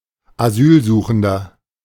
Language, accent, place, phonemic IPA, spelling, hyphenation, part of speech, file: German, Germany, Berlin, /aˈzyːlˌzuːxn̩dɐ/, Asylsuchender, Asyl‧su‧chen‧der, noun, De-Asylsuchender.ogg
- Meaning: 1. asylum seeker (male or of unspecified gender) 2. inflection of Asylsuchende: strong genitive/dative singular 3. inflection of Asylsuchende: strong genitive plural